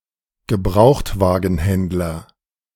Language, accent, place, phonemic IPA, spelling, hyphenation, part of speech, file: German, Germany, Berlin, /ɡəˈbʁaʊ̯xtvaːɡn̩ˌhɛndlɐ/, Gebrauchtwagenhändler, Ge‧braucht‧wa‧gen‧händ‧ler, noun, De-Gebrauchtwagenhändler.ogg
- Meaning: used car dealer